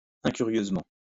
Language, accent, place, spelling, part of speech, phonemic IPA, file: French, France, Lyon, incurieusement, adverb, /ɛ̃.ky.ʁjøz.mɑ̃/, LL-Q150 (fra)-incurieusement.wav
- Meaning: incuriously